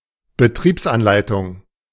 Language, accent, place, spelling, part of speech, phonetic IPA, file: German, Germany, Berlin, Betriebsanleitung, noun, [bəˈtʁiːpsʔanˌlaɪ̯tʊŋ], De-Betriebsanleitung.ogg
- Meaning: operating instruction